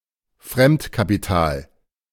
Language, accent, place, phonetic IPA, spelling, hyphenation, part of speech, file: German, Germany, Berlin, [ˈfʀɛmtkapiˌtaːl], Fremdkapital, Fremd‧ka‧pi‧tal, noun, De-Fremdkapital.ogg
- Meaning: outside capital, borrowed capital